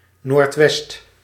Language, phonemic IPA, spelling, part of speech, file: Dutch, /nortˈwɛst/, noordwest, adverb, Nl-noordwest.ogg
- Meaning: 1. northwest 2. towards the northwest